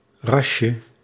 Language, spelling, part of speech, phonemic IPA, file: Dutch, rasje, noun, /ˈrɑʃə/, Nl-rasje.ogg
- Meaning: diminutive of ras